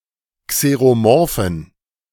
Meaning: inflection of xeromorph: 1. strong genitive masculine/neuter singular 2. weak/mixed genitive/dative all-gender singular 3. strong/weak/mixed accusative masculine singular 4. strong dative plural
- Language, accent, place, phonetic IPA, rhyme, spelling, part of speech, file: German, Germany, Berlin, [kseʁoˈmɔʁfn̩], -ɔʁfn̩, xeromorphen, adjective, De-xeromorphen.ogg